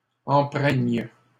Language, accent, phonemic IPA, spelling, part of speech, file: French, Canada, /ɑ̃.pʁɛɲ/, empreignent, verb, LL-Q150 (fra)-empreignent.wav
- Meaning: third-person plural present indicative/subjunctive of empreindre